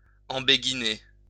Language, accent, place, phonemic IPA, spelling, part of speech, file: French, France, Lyon, /ɑ̃.be.ɡi.ne/, embéguiner, verb, LL-Q150 (fra)-embéguiner.wav
- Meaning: 1. to have a crush on someone; to be infatuated 2. to wear a bonnet